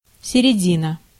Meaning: middle (centre, midpoint)
- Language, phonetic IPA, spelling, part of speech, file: Russian, [sʲɪrʲɪˈdʲinə], середина, noun, Ru-середина.ogg